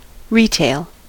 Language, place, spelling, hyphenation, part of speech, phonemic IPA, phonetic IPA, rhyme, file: English, California, retail, re‧tail, noun / adjective / adverb / verb, /ˈɹiˌteɪl/, [ˈɹ̠ʷiˌtʰeɪ̯ɫ], -eɪl, En-us-retail.ogg
- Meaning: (noun) The sale of goods directly to the consumer, encompassing the storefronts, mail-order, websites, etc., and the corporate mechanisms, branding, advertising, etc. that support them